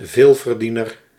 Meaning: a large earner, one with a high income
- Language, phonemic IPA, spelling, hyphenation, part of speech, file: Dutch, /ˈveːl.vərˌdi.nər/, veelverdiener, veel‧ver‧die‧ner, noun, Nl-veelverdiener.ogg